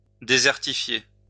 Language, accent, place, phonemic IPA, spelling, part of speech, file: French, France, Lyon, /de.zɛʁ.ti.fje/, désertifier, verb, LL-Q150 (fra)-désertifier.wav
- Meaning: to desertify